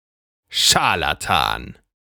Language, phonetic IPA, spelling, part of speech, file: German, [ˈʃaʁlatan], Scharlatan, noun, De-Scharlatan.ogg
- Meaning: charlatan